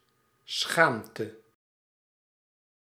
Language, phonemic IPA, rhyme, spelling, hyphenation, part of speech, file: Dutch, /ˈsxaːm.tə/, -aːmtə, schaamte, schaam‧te, noun, Nl-schaamte.ogg
- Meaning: feeling of shame (uncomfortable or painful feeling)